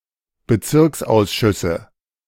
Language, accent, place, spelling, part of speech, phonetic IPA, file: German, Germany, Berlin, Bezirksausschüsse, noun, [bəˈt͡sɪʁksʔaʊ̯sˌʃʏsə], De-Bezirksausschüsse.ogg
- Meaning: nominative/accusative/genitive plural of Bezirksausschuss